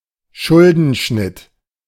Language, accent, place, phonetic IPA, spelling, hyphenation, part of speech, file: German, Germany, Berlin, [ˈʃʊldn̩ˌʃnɪt], Schuldenschnitt, Schul‧den‧schnitt, noun, De-Schuldenschnitt.ogg
- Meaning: debt relief